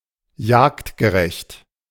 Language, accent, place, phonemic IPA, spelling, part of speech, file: German, Germany, Berlin, /ˈjaːktɡəˌʁɛçt/, jagdgerecht, adjective, De-jagdgerecht.ogg
- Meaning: hunting-friendly